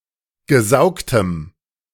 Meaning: strong dative masculine/neuter singular of gesaugt
- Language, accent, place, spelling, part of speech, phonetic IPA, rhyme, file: German, Germany, Berlin, gesaugtem, adjective, [ɡəˈzaʊ̯ktəm], -aʊ̯ktəm, De-gesaugtem.ogg